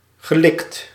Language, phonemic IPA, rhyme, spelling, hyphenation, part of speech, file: Dutch, /ɣəˈlɪkt/, -ɪkt, gelikt, ge‧likt, verb / adjective, Nl-gelikt.ogg
- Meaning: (verb) past participle of likken; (adjective) 1. sophisticated, good-looking, smooth 2. smoothened, flat